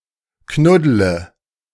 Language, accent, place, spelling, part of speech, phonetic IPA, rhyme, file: German, Germany, Berlin, knuddle, verb, [ˈknʊdlə], -ʊdlə, De-knuddle.ogg
- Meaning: inflection of knuddeln: 1. first-person singular present 2. singular imperative 3. first/third-person singular subjunctive I